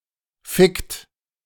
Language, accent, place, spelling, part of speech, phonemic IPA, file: German, Germany, Berlin, fickt, verb, /fɪkt/, De-fickt.ogg
- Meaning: inflection of ficken: 1. third-person singular present 2. second-person plural present 3. plural imperative